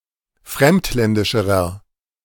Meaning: inflection of fremdländisch: 1. strong/mixed nominative masculine singular comparative degree 2. strong genitive/dative feminine singular comparative degree
- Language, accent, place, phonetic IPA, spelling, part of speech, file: German, Germany, Berlin, [ˈfʁɛmtˌlɛndɪʃəʁɐ], fremdländischerer, adjective, De-fremdländischerer.ogg